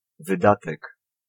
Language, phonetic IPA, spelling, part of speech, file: Polish, [vɨˈdatɛk], wydatek, noun, Pl-wydatek.ogg